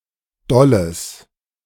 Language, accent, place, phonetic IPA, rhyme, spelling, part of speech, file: German, Germany, Berlin, [ˈdɔləs], -ɔləs, dolles, adjective, De-dolles.ogg
- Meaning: strong/mixed nominative/accusative neuter singular of doll